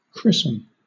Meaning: 1. To perform the religious rite of baptism upon; to baptize 2. To name 3. To Christianize 4. To use for the first time 5. To douse or wet with blood, urine, tears, or other liquid
- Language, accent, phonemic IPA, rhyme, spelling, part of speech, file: English, Southern England, /ˈkɹɪsən/, -ɪsən, christen, verb, LL-Q1860 (eng)-christen.wav